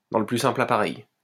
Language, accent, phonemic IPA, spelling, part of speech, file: French, France, /dɑ̃ lə ply sɛ̃pl a.pa.ʁɛj/, dans le plus simple appareil, adjective, LL-Q150 (fra)-dans le plus simple appareil.wav
- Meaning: in one's birthday suit, naked as a jaybird, in all one's glory